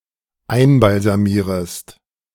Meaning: second-person singular dependent subjunctive I of einbalsamieren
- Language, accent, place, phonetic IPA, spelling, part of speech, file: German, Germany, Berlin, [ˈaɪ̯nbalzaˌmiːʁəst], einbalsamierest, verb, De-einbalsamierest.ogg